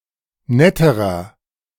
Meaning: inflection of nett: 1. strong/mixed nominative masculine singular comparative degree 2. strong genitive/dative feminine singular comparative degree 3. strong genitive plural comparative degree
- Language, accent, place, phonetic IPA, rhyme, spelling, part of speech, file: German, Germany, Berlin, [ˈnɛtəʁɐ], -ɛtəʁɐ, netterer, adjective, De-netterer.ogg